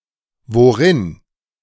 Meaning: in what, wherein
- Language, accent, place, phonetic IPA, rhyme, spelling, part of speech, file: German, Germany, Berlin, [voˈʁɪn], -ɪn, worin, adverb, De-worin.ogg